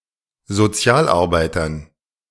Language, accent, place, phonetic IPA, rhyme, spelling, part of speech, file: German, Germany, Berlin, [zoˈt͡si̯aːlʔaʁˌbaɪ̯tɐn], -aːlʔaʁbaɪ̯tɐn, Sozialarbeitern, noun, De-Sozialarbeitern.ogg
- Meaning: dative plural of Sozialarbeiter